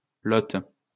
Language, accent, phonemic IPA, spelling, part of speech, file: French, France, /lɔt/, lote, noun, LL-Q150 (fra)-lote.wav
- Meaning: burbot (a freshwater fish: Lota lota)